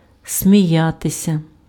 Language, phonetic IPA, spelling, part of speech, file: Ukrainian, [sʲmʲiˈjatesʲɐ], сміятися, verb, Uk-сміятися.ogg
- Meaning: to laugh